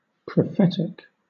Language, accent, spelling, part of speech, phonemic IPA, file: English, Southern England, prophetic, adjective, /pɹəˈfɛtɪk/, LL-Q1860 (eng)-prophetic.wav
- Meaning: 1. Having the ability to prophesize; prescient 2. Of, or relating to a prophecy or a prophet 3. Predicted, as by a prophecy